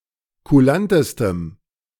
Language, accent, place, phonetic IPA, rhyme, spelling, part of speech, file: German, Germany, Berlin, [kuˈlantəstəm], -antəstəm, kulantestem, adjective, De-kulantestem.ogg
- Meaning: strong dative masculine/neuter singular superlative degree of kulant